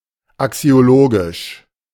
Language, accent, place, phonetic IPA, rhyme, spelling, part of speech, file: German, Germany, Berlin, [aksi̯oˈloːɡɪʃ], -oːɡɪʃ, axiologisch, adjective, De-axiologisch.ogg
- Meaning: axiological